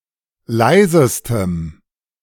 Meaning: strong dative masculine/neuter singular superlative degree of leise
- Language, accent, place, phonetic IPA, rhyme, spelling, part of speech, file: German, Germany, Berlin, [ˈlaɪ̯zəstəm], -aɪ̯zəstəm, leisestem, adjective, De-leisestem.ogg